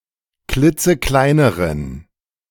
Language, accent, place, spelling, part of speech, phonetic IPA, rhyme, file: German, Germany, Berlin, klitzekleineren, adjective, [ˈklɪt͡səˈklaɪ̯nəʁən], -aɪ̯nəʁən, De-klitzekleineren.ogg
- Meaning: inflection of klitzeklein: 1. strong genitive masculine/neuter singular comparative degree 2. weak/mixed genitive/dative all-gender singular comparative degree